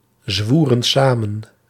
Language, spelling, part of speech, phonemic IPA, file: Dutch, zwoeren samen, verb, /ˈzwurə(n) ˈsamə(n)/, Nl-zwoeren samen.ogg
- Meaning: inflection of samenzweren: 1. plural past indicative 2. plural past subjunctive